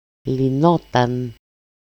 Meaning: third-person singular imperfect passive indicative of λύνω (lýno)
- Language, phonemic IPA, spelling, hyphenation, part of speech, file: Greek, /liˈnotan/, λυνόταν, λυ‧νό‧ταν, verb, El-λυνόταν.ogg